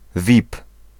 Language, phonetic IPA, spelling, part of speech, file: Polish, [vʲip], VIP, abbreviation, Pl-VIP.ogg